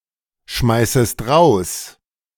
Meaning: second-person singular subjunctive I of rausschmeißen
- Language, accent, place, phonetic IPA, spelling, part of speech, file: German, Germany, Berlin, [ˌʃmaɪ̯səst ˈʁaʊ̯s], schmeißest raus, verb, De-schmeißest raus.ogg